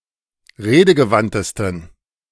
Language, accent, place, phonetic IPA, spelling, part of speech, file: German, Germany, Berlin, [ˈʁeːdəɡəˌvantəstn̩], redegewandtesten, adjective, De-redegewandtesten.ogg
- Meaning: 1. superlative degree of redegewandt 2. inflection of redegewandt: strong genitive masculine/neuter singular superlative degree